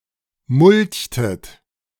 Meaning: inflection of mulchen: 1. second-person plural preterite 2. second-person plural subjunctive II
- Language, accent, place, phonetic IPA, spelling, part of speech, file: German, Germany, Berlin, [ˈmʊlçtət], mulchtet, verb, De-mulchtet.ogg